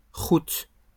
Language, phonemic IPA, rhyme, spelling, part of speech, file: French, /ʁut/, -ut, route, noun, LL-Q150 (fra)-route.wav
- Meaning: 1. road (sometimes route like "Route 66") 2. route, way, path